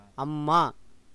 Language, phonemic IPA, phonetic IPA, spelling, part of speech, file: Tamil, /ɐmːɑː/, [ɐmːäː], அம்மா, noun / interjection, Ta-அம்மா.ogg
- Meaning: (noun) 1. vocative of அம்மாள் (ammāḷ), அம்மன் (ammaṉ), and அம்மாச்சி (ammācci) 2. mother 3. matron, lady 4. respectful term of address for any woman older than oneself; madam